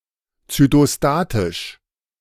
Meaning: cytostatic (tending to inhibit cell growth and multiplication)
- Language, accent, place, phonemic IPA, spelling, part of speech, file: German, Germany, Berlin, /tsytoˈstaːtɪʃ/, zytostatisch, adjective, De-zytostatisch.ogg